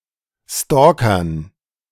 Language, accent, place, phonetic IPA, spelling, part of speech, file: German, Germany, Berlin, [ˈstɔːkɐn], Stalkern, noun, De-Stalkern.ogg
- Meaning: dative plural of Stalker